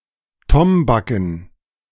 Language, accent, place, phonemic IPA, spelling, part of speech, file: German, Germany, Berlin, /ˈtɔmbakn̩/, tombaken, adjective, De-tombaken.ogg
- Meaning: tombak (alloy of copper and zinc)